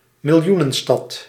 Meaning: city of a million or more inhabitants
- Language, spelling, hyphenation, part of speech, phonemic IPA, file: Dutch, miljoenenstad, mil‧joe‧nen‧stad, noun, /mɪlˈju.nə(n)ˌstɑt/, Nl-miljoenenstad.ogg